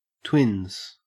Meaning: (noun) 1. plural of twin 2. A woman's breasts; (verb) third-person singular simple present indicative of twin
- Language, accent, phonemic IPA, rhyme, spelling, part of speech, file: English, Australia, /twɪnz/, -ɪnz, twins, noun / verb, En-au-twins.ogg